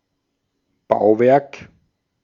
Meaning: building, edifice
- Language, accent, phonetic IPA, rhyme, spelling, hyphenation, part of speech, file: German, Austria, [ˈbaʊ̯ˌvɛʁk], -aʊ̯vɛʁk, Bauwerk, Bau‧werk, noun, De-at-Bauwerk.ogg